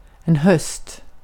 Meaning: 1. autumn (season) 2. the time towards the end of a life; the time of old age
- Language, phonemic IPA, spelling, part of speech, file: Swedish, /hœst/, höst, noun, Sv-höst.ogg